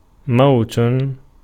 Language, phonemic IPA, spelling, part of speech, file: Arabic, /mawt/, موت, noun / verb, Ar-موت.ogg
- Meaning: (noun) 1. verbal noun of مَاتَ (māta, “to die”) (form I) 2. death 3. demise; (verb) 1. to die off 2. to make die, let perish, to kill, to cause the death of